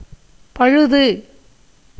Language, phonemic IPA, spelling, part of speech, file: Tamil, /pɐɻʊd̪ɯ/, பழுது, noun, Ta-பழுது.ogg
- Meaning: 1. defect, blemish, flaw, fault 2. unprofitableness 3. damage, injury, ruin 4. anything tainted, rotten, putrid, marred 5. the state of being a corpse 6. poverty 7. evil 8. body